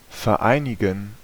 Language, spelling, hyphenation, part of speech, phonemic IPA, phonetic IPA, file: German, vereinigen, ver‧ei‧ni‧gen, verb, /fɛɐ̯ˈʔaɪ̯nɪɡn̩/, [fɛɐ̯ˈʔaɪ̯nɪɡŋ̩], De-vereinigen.ogg
- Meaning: to unite, join, band, unify